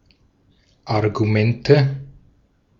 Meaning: nominative/accusative/genitive plural of Argument
- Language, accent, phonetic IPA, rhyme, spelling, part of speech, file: German, Austria, [aʁɡuˈmɛntə], -ɛntə, Argumente, noun, De-at-Argumente.ogg